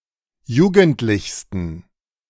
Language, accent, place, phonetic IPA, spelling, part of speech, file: German, Germany, Berlin, [ˈjuːɡn̩tlɪçstn̩], jugendlichsten, adjective, De-jugendlichsten.ogg
- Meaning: 1. superlative degree of jugendlich 2. inflection of jugendlich: strong genitive masculine/neuter singular superlative degree